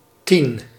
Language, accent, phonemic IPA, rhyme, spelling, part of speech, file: Dutch, Netherlands, /tin/, -in, tien, numeral, Nl-tien.ogg
- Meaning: ten